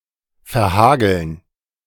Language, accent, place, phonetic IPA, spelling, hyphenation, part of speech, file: German, Germany, Berlin, [fɛɐ̯ˈhaːɡl̩n], verhageln, ver‧ha‧geln, verb, De-verhageln.ogg
- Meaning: 1. to be damaged by hail 2. to ruin, spoil